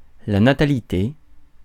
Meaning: birthrate
- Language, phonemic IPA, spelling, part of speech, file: French, /na.ta.li.te/, natalité, noun, Fr-natalité.ogg